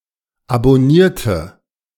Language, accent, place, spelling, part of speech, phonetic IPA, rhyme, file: German, Germany, Berlin, abonnierte, adjective / verb, [abɔˈniːɐ̯tə], -iːɐ̯tə, De-abonnierte.ogg
- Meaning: inflection of abonnieren: 1. first/third-person singular preterite 2. first/third-person singular subjunctive II